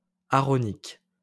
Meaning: Aaronic
- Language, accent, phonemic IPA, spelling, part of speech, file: French, France, /a.a.ʁɔ.nik/, aaronique, adjective, LL-Q150 (fra)-aaronique.wav